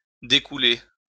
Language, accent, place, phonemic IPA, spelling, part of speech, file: French, France, Lyon, /de.ku.le/, découler, verb, LL-Q150 (fra)-découler.wav
- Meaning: to follow from; to ensue